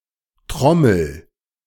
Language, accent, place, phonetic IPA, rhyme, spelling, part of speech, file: German, Germany, Berlin, [ˈtʁɔml̩], -ɔml̩, trommel, verb, De-trommel.ogg
- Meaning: inflection of trommeln: 1. first-person singular present 2. singular imperative